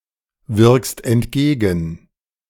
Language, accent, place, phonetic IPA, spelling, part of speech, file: German, Germany, Berlin, [ˌvɪʁkst ɛntˈɡeːɡn̩], wirkst entgegen, verb, De-wirkst entgegen.ogg
- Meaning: second-person singular present of entgegenwirken